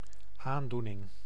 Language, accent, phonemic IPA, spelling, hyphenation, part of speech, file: Dutch, Netherlands, /ˈaːnˌdunɪŋ/, aandoening, aan‧doe‧ning, noun, Nl-aandoening.ogg
- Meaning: 1. ailment 2. emotion